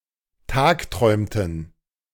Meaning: inflection of tagträumen: 1. first/third-person plural preterite 2. first/third-person plural subjunctive II
- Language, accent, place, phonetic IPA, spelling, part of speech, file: German, Germany, Berlin, [ˈtaːkˌtʁɔɪ̯mtn̩], tagträumten, verb, De-tagträumten.ogg